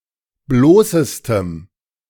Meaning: strong dative masculine/neuter singular superlative degree of bloß
- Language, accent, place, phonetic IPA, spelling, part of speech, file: German, Germany, Berlin, [ˈbloːsəstəm], bloßestem, adjective, De-bloßestem.ogg